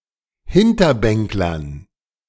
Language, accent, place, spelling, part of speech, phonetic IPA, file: German, Germany, Berlin, Hinterbänklern, noun, [ˈhɪntɐˌbɛŋklɐn], De-Hinterbänklern.ogg
- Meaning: dative plural of Hinterbänkler